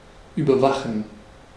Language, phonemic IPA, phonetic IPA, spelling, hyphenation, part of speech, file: German, /ˌyːbəʁˈvaχən/, [ˌʔyːbɐˈvaχn̩], überwachen, über‧wa‧chen, verb, De-überwachen.ogg
- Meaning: 1. to control, to monitor, to supervise 2. to keep under surveillance